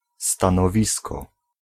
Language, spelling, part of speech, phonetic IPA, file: Polish, stanowisko, noun, [ˌstãnɔˈvʲiskɔ], Pl-stanowisko.ogg